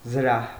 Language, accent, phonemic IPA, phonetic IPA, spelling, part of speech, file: Armenian, Eastern Armenian, /zəˈɾɑh/, [zəɾɑ́h], զրահ, noun, Hy-զրահ.ogg
- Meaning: armor